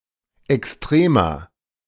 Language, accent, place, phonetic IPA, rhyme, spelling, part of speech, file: German, Germany, Berlin, [ɛksˈtʁeːma], -eːma, Extrema, noun, De-Extrema.ogg
- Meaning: plural of Extremum